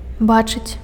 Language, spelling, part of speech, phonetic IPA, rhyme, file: Belarusian, бачыць, verb, [ˈbat͡ʂɨt͡sʲ], -at͡ʂɨt͡sʲ, Be-бачыць.ogg
- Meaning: to see